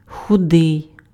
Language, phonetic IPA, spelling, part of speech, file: Ukrainian, [xʊˈdɪi̯], худий, adjective, Uk-худий.ogg
- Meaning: thin, skinny